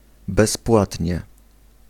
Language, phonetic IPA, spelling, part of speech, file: Polish, [bɛsˈpwatʲɲɛ], bezpłatnie, adverb, Pl-bezpłatnie.ogg